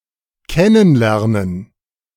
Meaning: alternative spelling of kennenlernen
- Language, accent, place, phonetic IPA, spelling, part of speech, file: German, Germany, Berlin, [ˈkɛnən ˌlɛʁnən], kennen lernen, phrase, De-kennen lernen.ogg